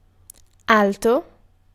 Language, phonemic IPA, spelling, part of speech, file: Italian, /ˈalto/, alto, adjective, It-alto.ogg